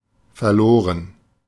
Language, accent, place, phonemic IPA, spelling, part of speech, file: German, Germany, Berlin, /fɛɐ̯ˈloːʁən/, verloren, verb / adjective, De-verloren.ogg
- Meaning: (verb) past participle of verlieren; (adjective) 1. lost, missing 2. doomed, forlorn; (verb) first/third-person plural preterite of verlieren